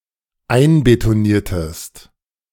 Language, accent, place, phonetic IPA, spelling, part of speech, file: German, Germany, Berlin, [ˈaɪ̯nbetoˌniːɐ̯təst], einbetoniertest, verb, De-einbetoniertest.ogg
- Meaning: inflection of einbetonieren: 1. second-person singular dependent preterite 2. second-person singular dependent subjunctive II